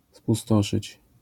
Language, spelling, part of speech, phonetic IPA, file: Polish, pustoszyć, verb, [puˈstɔʃɨt͡ɕ], LL-Q809 (pol)-pustoszyć.wav